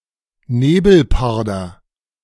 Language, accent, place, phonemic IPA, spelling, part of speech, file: German, Germany, Berlin, /ˈneːbl̩ˌpaʁdɐ/, Nebelparder, noun, De-Nebelparder.ogg
- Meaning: clouded leopard (Neofelis nebulosa)